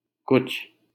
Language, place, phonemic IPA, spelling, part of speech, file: Hindi, Delhi, /kʊt͡ʃʰ/, कुछ, pronoun / determiner / adverb, LL-Q1568 (hin)-कुछ.wav
- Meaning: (pronoun) 1. something (inanimate singular) 2. something (inanimate singular): nothing, not anything 3. a little, a bit; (determiner) some, much, a bit of (with uncountable nouns)